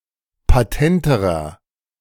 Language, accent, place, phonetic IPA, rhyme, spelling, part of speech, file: German, Germany, Berlin, [paˈtɛntəʁɐ], -ɛntəʁɐ, patenterer, adjective, De-patenterer.ogg
- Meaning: inflection of patent: 1. strong/mixed nominative masculine singular comparative degree 2. strong genitive/dative feminine singular comparative degree 3. strong genitive plural comparative degree